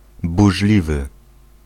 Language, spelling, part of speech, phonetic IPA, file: Polish, burzliwy, adjective, [buʒˈlʲivɨ], Pl-burzliwy.ogg